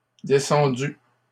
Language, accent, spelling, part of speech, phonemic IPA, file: French, Canada, descendues, verb, /de.sɑ̃.dy/, LL-Q150 (fra)-descendues.wav
- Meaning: feminine plural of descendu